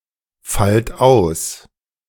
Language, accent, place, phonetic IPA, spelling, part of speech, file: German, Germany, Berlin, [ˌfalt ˈaʊ̯s], fallt aus, verb, De-fallt aus.ogg
- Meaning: inflection of ausfallen: 1. second-person plural present 2. plural imperative